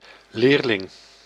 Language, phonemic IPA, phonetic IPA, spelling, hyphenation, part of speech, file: Dutch, /ˈleːr.lɪŋ/, [lɪːr.lɪŋ], leerling, leer‧ling, noun, Nl-leerling.ogg
- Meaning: 1. a learner, someone who learns 2. someone formally enrolled for some education: a pupil, student, apprentice, disciple